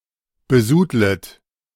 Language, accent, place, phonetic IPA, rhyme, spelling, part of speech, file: German, Germany, Berlin, [bəˈzuːdlət], -uːdlət, besudlet, verb, De-besudlet.ogg
- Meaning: second-person plural subjunctive I of besudeln